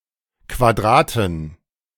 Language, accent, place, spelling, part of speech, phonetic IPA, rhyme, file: German, Germany, Berlin, Quadraten, noun, [kvaˈdʁaːtn̩], -aːtn̩, De-Quadraten.ogg
- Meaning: 1. dative plural of Quadrat n (“square”) 2. inflection of Quadrat m (“quad”): genitive/dative/accusative singular 3. inflection of Quadrat m (“quad”): plural